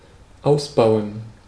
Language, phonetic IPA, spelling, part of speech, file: German, [ˈaʊ̯sˌbaʊ̯ən], ausbauen, verb, De-ausbauen.ogg
- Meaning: 1. to remove a part from a machine or device 2. to extend 3. to rebuild something into something else, to serve another purpose